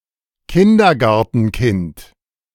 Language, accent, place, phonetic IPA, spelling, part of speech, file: German, Germany, Berlin, [ˈkɪndɐɡaʁtn̩ˌkɪnt], Kindergartenkind, noun, De-Kindergartenkind.ogg
- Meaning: kindergartner (student)